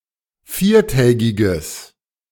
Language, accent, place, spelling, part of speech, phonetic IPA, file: German, Germany, Berlin, viertägiges, adjective, [ˈfiːɐ̯ˌtɛːɡɪɡəs], De-viertägiges.ogg
- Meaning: strong/mixed nominative/accusative neuter singular of viertägig